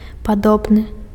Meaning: similar
- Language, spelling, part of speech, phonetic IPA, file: Belarusian, падобны, adjective, [paˈdobnɨ], Be-падобны.ogg